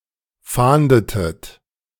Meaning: inflection of fahnden: 1. second-person plural preterite 2. second-person plural subjunctive II
- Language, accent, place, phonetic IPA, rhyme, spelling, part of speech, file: German, Germany, Berlin, [ˈfaːndətət], -aːndətət, fahndetet, verb, De-fahndetet.ogg